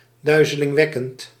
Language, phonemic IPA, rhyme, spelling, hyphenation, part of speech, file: Dutch, /ˌdœy̯.zə.lɪŋˈʋɛ.kənt/, -ənt, duizelingwekkend, dui‧ze‧ling‧wek‧kend, adjective, Nl-duizelingwekkend.ogg
- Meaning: dizzying, dazzling